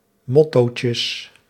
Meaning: plural of mottootje
- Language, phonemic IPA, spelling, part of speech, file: Dutch, /ˈmɔtocəs/, mottootjes, noun, Nl-mottootjes.ogg